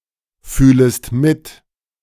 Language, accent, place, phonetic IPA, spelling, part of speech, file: German, Germany, Berlin, [ˌfyːləst ˈmɪt], fühlest mit, verb, De-fühlest mit.ogg
- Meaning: second-person singular subjunctive I of mitfühlen